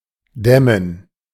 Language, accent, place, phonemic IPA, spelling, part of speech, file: German, Germany, Berlin, /ˈdɛmən/, dämmen, verb, De-dämmen.ogg
- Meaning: 1. to dam 2. to insulate (a building)